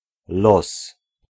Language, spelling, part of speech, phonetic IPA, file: Polish, los, noun, [lɔs], Pl-los.ogg